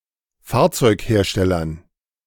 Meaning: dative plural of Fahrzeughersteller
- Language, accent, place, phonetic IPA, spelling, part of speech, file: German, Germany, Berlin, [ˈfaːɐ̯t͡sɔɪ̯kˌheːɐ̯ʃtɛlɐn], Fahrzeugherstellern, noun, De-Fahrzeugherstellern.ogg